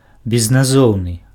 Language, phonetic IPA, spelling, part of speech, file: Belarusian, [bʲeznaˈzou̯nɨ], безназоўны, adjective, Be-безназоўны.ogg
- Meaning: anonymous, nameless